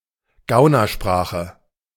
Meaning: cant (secret language)
- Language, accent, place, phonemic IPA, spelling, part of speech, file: German, Germany, Berlin, /ˈɡaʊ̯nɐˌʃpʁaːχə/, Gaunersprache, noun, De-Gaunersprache.ogg